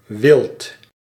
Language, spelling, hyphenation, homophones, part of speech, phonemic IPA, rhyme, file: Dutch, wild, wild, wilt, adjective / noun, /ʋɪlt/, -ɪlt, Nl-wild.ogg
- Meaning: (adjective) wild; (noun) 1. game (food; animals hunted for meat) 2. wildlife 3. wilderness